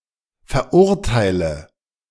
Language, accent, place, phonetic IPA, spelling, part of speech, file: German, Germany, Berlin, [fɛɐ̯ˈʔʊʁtaɪ̯lə], verurteile, verb, De-verurteile.ogg
- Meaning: inflection of verurteilen: 1. first-person singular present 2. singular imperative 3. first/third-person singular subjunctive I